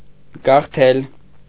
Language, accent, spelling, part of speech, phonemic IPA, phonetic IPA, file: Armenian, Eastern Armenian, գաղթել, verb, /ɡɑχˈtʰel/, [ɡɑχtʰél], Hy-գաղթել.ogg
- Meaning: to migrate, to emigrate, to immigrate